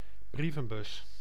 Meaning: 1. letterbox, mailbox, post box 2. mail slot, letterbox
- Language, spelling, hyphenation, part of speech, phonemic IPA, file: Dutch, brievenbus, brie‧ven‧bus, noun, /ˈbri.və(n)ˌbʏs/, Nl-brievenbus.ogg